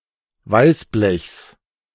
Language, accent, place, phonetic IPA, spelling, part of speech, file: German, Germany, Berlin, [ˈvaɪ̯sˌblɛçs], Weißblechs, noun, De-Weißblechs.ogg
- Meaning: genitive singular of Weißblech